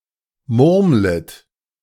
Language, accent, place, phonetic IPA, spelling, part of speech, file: German, Germany, Berlin, [ˈmʊʁmlət], murmlet, verb, De-murmlet.ogg
- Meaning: second-person plural subjunctive I of murmeln